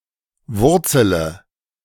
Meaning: inflection of wurzeln: 1. first-person singular present 2. first/third-person singular subjunctive I 3. singular imperative
- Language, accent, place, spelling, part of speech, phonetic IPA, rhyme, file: German, Germany, Berlin, wurzele, verb, [ˈvʊʁt͡sələ], -ʊʁt͡sələ, De-wurzele.ogg